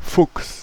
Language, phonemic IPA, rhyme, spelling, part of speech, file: German, /fʊks/, -ʊks, Fuchs, noun / proper noun, De-Fuchs.ogg
- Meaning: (noun) 1. fox (animal) 2. a clever or cunning person, sly fox 3. redhead (a red-haired person) 4. chestnut, sorrel horse (horse with a reddish-brown coat, mane and tail)